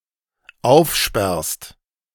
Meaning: second-person singular dependent present of aufsperren
- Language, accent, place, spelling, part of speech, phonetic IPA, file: German, Germany, Berlin, aufsperrst, verb, [ˈaʊ̯fˌʃpɛʁst], De-aufsperrst.ogg